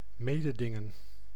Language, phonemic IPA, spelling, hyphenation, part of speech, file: Dutch, /ˈmeː.dəˌdɪ.ŋə(n)/, mededingen, me‧de‧din‧gen, verb, Nl-mededingen.ogg
- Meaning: to compete, to engage in competition, to engage in contest